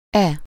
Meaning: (determiner) this; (interjection) look!, hey! (expressing surprise or wanting to get attention)
- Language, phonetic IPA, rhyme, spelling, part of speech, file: Hungarian, [ˈɛ], -ɛ, e, determiner / pronoun / interjection, Hu-e.ogg